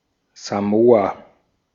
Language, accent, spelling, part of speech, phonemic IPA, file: German, Austria, Samoa, proper noun, /zaˈmoːa/, De-at-Samoa.ogg
- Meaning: Samoa (a country consisting of the western part of the Samoan archipelago in Polynesia, in Oceania)